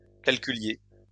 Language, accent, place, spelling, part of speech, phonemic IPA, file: French, France, Lyon, calculiez, verb, /kal.ky.lje/, LL-Q150 (fra)-calculiez.wav
- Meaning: inflection of calculer: 1. second-person plural imperfect indicative 2. second-person plural present subjunctive